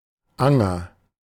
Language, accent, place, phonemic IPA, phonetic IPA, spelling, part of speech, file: German, Germany, Berlin, /ˈaŋər/, [ˈʔaŋɐ], Anger, noun / proper noun, De-Anger.ogg
- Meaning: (noun) 1. village green 2. small meadow or plot of grass; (proper noun) a municipality of Styria, Austria